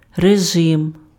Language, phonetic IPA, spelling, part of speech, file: Ukrainian, [reˈʒɪm], режим, noun, Uk-режим.ogg
- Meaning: 1. regime (mode of rule or management) 2. routine 3. mode